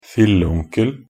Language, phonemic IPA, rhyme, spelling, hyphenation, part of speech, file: Norwegian Bokmål, /fɪlːə.uŋkəl/, -əl, filleonkel, fil‧le‧on‧kel, noun, Nb-filleonkel.ogg
- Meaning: 1. the husband of one's aunt 2. uncle (the male cousin of one’s parent) 3. a close male friend of one's parents 4. great-uncle (an uncle of one's parent)